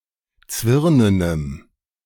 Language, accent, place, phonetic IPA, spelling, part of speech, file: German, Germany, Berlin, [ˈt͡svɪʁnənəm], zwirnenem, adjective, De-zwirnenem.ogg
- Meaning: strong dative masculine/neuter singular of zwirnen